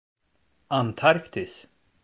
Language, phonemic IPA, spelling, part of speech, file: Swedish, /anˈtarktɪs/, Antarktis, proper noun, Sv-Antarktis.ogg
- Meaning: Antarctica (the southernmost continent, south of the Southern Ocean, containing the South Pole)